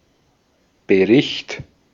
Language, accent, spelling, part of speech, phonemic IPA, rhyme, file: German, Austria, Bericht, noun, /bəˈʁɪçt/, -ɪçt, De-at-Bericht.ogg
- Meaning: report, account, news story